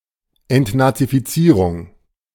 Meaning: denazification (the removing of Nazis)
- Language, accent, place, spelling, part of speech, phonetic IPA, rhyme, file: German, Germany, Berlin, Entnazifizierung, noun, [ɛntnat͡sifiˈt͡siːʁʊŋ], -iːʁʊŋ, De-Entnazifizierung.ogg